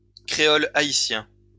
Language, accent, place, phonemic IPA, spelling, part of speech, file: French, France, Lyon, /kʁe.ɔ.l‿a.i.sjɛ̃/, créole haïtien, noun, LL-Q150 (fra)-créole haïtien.wav
- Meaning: Haitian Creole